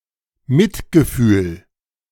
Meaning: compassion
- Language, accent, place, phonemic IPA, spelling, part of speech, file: German, Germany, Berlin, /ˈmɪtɡəˌfyːl/, Mitgefühl, noun, De-Mitgefühl.ogg